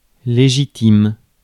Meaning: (adjective) legitimate; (noun) one's regular sexual or romantic partner (as opposed to a partner with which one is having an affair)
- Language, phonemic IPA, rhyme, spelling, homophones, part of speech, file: French, /le.ʒi.tim/, -im, légitime, légitimes, adjective / noun / verb, Fr-légitime.ogg